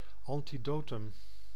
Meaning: synonym of tegengif (“antidote”)
- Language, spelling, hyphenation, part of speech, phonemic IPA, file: Dutch, antidotum, an‧ti‧do‧tum, noun, /ˌɑn.tiˈdoː.tʏm/, Nl-antidotum.ogg